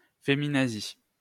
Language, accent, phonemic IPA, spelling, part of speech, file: French, France, /fe.mi.na.zi/, féminazie, adjective / noun, LL-Q150 (fra)-féminazie.wav
- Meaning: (adjective) feminine singular of féminazi; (noun) female equivalent of féminazi